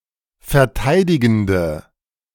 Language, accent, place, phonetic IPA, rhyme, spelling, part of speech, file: German, Germany, Berlin, [fɛɐ̯ˈtaɪ̯dɪɡn̩də], -aɪ̯dɪɡn̩də, verteidigende, adjective, De-verteidigende.ogg
- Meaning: inflection of verteidigend: 1. strong/mixed nominative/accusative feminine singular 2. strong nominative/accusative plural 3. weak nominative all-gender singular